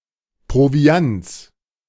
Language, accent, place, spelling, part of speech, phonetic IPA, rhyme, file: German, Germany, Berlin, Proviants, noun, [pʁoˈvi̯ant͡s], -ant͡s, De-Proviants.ogg
- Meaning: genitive of Proviant